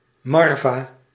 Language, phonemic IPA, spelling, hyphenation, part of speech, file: Dutch, /ˈmɑr.vaː/, Marva, Mar‧va, noun, Nl-Marva.ogg
- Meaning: a member of the Marine Vrouwenafdeling, a former division of the Dutch navy consisting of women mostly operating as support personnel